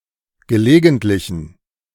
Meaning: inflection of gelegentlich: 1. strong genitive masculine/neuter singular 2. weak/mixed genitive/dative all-gender singular 3. strong/weak/mixed accusative masculine singular 4. strong dative plural
- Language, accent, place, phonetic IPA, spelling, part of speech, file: German, Germany, Berlin, [ɡəˈleːɡn̩tlɪçn̩], gelegentlichen, adjective, De-gelegentlichen.ogg